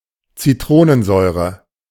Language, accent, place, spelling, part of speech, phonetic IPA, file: German, Germany, Berlin, Citronensäure, noun, [t͡siˈtʁoːnənˌzɔɪ̯ʁə], De-Citronensäure.ogg
- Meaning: citric acid; alternative form of Zitronensäure